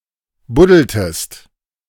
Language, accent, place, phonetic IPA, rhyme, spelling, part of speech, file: German, Germany, Berlin, [ˈbʊdl̩təst], -ʊdl̩təst, buddeltest, verb, De-buddeltest.ogg
- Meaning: inflection of buddeln: 1. second-person singular preterite 2. second-person singular subjunctive II